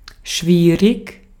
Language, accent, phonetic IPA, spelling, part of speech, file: German, Austria, [ˈʃʋiːʁɪç], schwierig, adjective, De-at-schwierig.ogg
- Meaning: 1. difficult, hard, challenging, tough 2. difficult, prickly